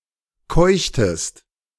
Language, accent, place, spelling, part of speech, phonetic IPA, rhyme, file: German, Germany, Berlin, keuchtest, verb, [ˈkɔɪ̯çtəst], -ɔɪ̯çtəst, De-keuchtest.ogg
- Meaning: inflection of keuchen: 1. second-person singular preterite 2. second-person singular subjunctive II